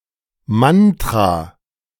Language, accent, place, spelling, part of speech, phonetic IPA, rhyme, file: German, Germany, Berlin, Mantra, noun, [ˈmantʁa], -antʁa, De-Mantra.ogg
- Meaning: mantra